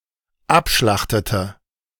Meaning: inflection of abschlachten: 1. first/third-person singular dependent preterite 2. first/third-person singular dependent subjunctive II
- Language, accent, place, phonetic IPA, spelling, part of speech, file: German, Germany, Berlin, [ˈapˌʃlaxtətə], abschlachtete, verb, De-abschlachtete.ogg